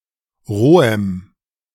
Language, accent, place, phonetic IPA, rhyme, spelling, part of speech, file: German, Germany, Berlin, [ˈʁoːəm], -oːəm, rohem, adjective, De-rohem.ogg
- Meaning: strong dative masculine/neuter singular of roh